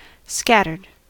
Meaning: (verb) simple past and past participle of scatter; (adjective) 1. Dispersed, spread apart into disunited units 2. Seemingly randomly distributed 3. Covering three eighths to four eighths of the sky
- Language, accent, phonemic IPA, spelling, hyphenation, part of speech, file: English, US, /ˈskætɚd/, scattered, scat‧tered, verb / adjective, En-us-scattered.ogg